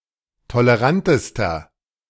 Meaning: inflection of tolerant: 1. strong/mixed nominative masculine singular superlative degree 2. strong genitive/dative feminine singular superlative degree 3. strong genitive plural superlative degree
- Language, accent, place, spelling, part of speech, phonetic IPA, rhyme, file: German, Germany, Berlin, tolerantester, adjective, [toləˈʁantəstɐ], -antəstɐ, De-tolerantester.ogg